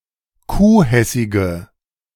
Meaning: inflection of kuhhessig: 1. strong/mixed nominative/accusative feminine singular 2. strong nominative/accusative plural 3. weak nominative all-gender singular
- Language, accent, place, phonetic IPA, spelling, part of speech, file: German, Germany, Berlin, [ˈkuːˌhɛsɪɡə], kuhhessige, adjective, De-kuhhessige.ogg